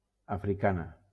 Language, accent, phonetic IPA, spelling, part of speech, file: Catalan, Valencia, [a.fɾiˈka.na], africana, adjective / noun, LL-Q7026 (cat)-africana.wav
- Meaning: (adjective) feminine singular of africà; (noun) female equivalent of africà